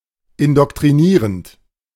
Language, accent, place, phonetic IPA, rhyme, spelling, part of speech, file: German, Germany, Berlin, [ɪndɔktʁiˈniːʁənt], -iːʁənt, indoktrinierend, verb, De-indoktrinierend.ogg
- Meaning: present participle of indoktrinieren